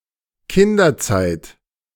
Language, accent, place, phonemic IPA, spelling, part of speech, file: German, Germany, Berlin, /ˈkɪndɐˌtsaɪ̯t/, Kinderzeit, noun, De-Kinderzeit.ogg
- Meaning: childhood